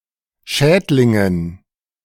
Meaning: dative plural of Schädling
- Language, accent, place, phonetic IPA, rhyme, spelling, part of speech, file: German, Germany, Berlin, [ˈʃɛːtlɪŋən], -ɛːtlɪŋən, Schädlingen, noun, De-Schädlingen.ogg